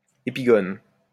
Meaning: epigone
- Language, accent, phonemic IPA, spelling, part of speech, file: French, France, /e.pi.ɡɔn/, épigone, noun, LL-Q150 (fra)-épigone.wav